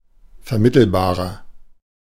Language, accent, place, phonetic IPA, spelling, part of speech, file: German, Germany, Berlin, [fɛɐ̯ˈmɪtl̩baːʁɐ], vermittelbarer, adjective, De-vermittelbarer.ogg
- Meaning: 1. comparative degree of vermittelbar 2. inflection of vermittelbar: strong/mixed nominative masculine singular 3. inflection of vermittelbar: strong genitive/dative feminine singular